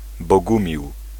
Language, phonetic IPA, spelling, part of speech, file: Polish, [bɔˈɡũmʲiw], Bogumił, proper noun / noun, Pl-Bogumił.ogg